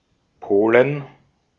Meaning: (proper noun) Poland (a country in Central Europe); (noun) inflection of Pole: 1. genitive/dative/accusative singular 2. nominative/genitive/dative/accusative plural
- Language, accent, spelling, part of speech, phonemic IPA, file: German, Austria, Polen, proper noun / noun, /ˈpoːlən/, De-at-Polen.ogg